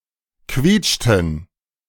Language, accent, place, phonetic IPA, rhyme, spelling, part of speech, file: German, Germany, Berlin, [ˈkviːt͡ʃtn̩], -iːt͡ʃtn̩, quietschten, verb, De-quietschten.ogg
- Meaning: inflection of quietschen: 1. first/third-person plural preterite 2. first/third-person plural subjunctive II